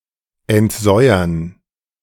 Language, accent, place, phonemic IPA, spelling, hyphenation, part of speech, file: German, Germany, Berlin, /ɛntˈzɔɪ̯ɐn/, entsäuern, ent‧säu‧ern, verb, De-entsäuern.ogg
- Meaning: to deacidify